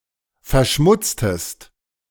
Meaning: inflection of verschmutzen: 1. second-person singular preterite 2. second-person singular subjunctive II
- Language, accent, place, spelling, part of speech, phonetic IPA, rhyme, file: German, Germany, Berlin, verschmutztest, verb, [fɛɐ̯ˈʃmʊt͡stəst], -ʊt͡stəst, De-verschmutztest.ogg